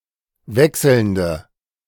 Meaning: inflection of wechselnd: 1. strong/mixed nominative/accusative feminine singular 2. strong nominative/accusative plural 3. weak nominative all-gender singular
- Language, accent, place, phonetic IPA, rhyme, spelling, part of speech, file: German, Germany, Berlin, [ˈvɛksl̩ndə], -ɛksl̩ndə, wechselnde, adjective, De-wechselnde.ogg